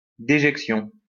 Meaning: dejection, defecation
- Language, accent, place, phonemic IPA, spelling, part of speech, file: French, France, Lyon, /de.ʒɛk.sjɔ̃/, déjection, noun, LL-Q150 (fra)-déjection.wav